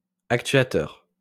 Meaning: actuator
- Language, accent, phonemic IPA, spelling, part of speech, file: French, France, /ak.tɥa.tœʁ/, actuateur, noun, LL-Q150 (fra)-actuateur.wav